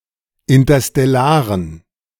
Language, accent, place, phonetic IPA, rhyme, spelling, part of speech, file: German, Germany, Berlin, [ɪntɐstɛˈlaːʁən], -aːʁən, interstellaren, adjective, De-interstellaren.ogg
- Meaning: inflection of interstellar: 1. strong genitive masculine/neuter singular 2. weak/mixed genitive/dative all-gender singular 3. strong/weak/mixed accusative masculine singular 4. strong dative plural